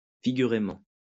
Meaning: figuratively
- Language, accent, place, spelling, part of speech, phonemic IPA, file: French, France, Lyon, figurément, adverb, /fi.ɡy.ʁe.mɑ̃/, LL-Q150 (fra)-figurément.wav